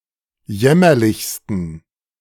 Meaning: 1. superlative degree of jämmerlich 2. inflection of jämmerlich: strong genitive masculine/neuter singular superlative degree
- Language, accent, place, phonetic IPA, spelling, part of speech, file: German, Germany, Berlin, [ˈjɛmɐlɪçstn̩], jämmerlichsten, adjective, De-jämmerlichsten.ogg